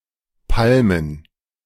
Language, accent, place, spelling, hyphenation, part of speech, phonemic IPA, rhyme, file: German, Germany, Berlin, Palmen, Pal‧men, noun, /ˈpalmən/, -almən, De-Palmen.ogg
- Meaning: plural of Palme